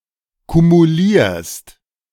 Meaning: second-person singular present of kumulieren
- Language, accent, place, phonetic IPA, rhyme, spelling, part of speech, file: German, Germany, Berlin, [kumuˈliːɐ̯st], -iːɐ̯st, kumulierst, verb, De-kumulierst.ogg